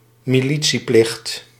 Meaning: conscription, since the late nineteenth century typically used for service in an auxiliary force or militia, especially in a colony
- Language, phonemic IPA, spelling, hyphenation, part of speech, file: Dutch, /miˈli.(t)siˌplɪxt/, militieplicht, mi‧li‧tie‧plicht, noun, Nl-militieplicht.ogg